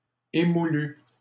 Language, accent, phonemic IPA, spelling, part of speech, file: French, Canada, /e.mu.ly/, émoulue, adjective, LL-Q150 (fra)-émoulue.wav
- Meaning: feminine singular of émoulu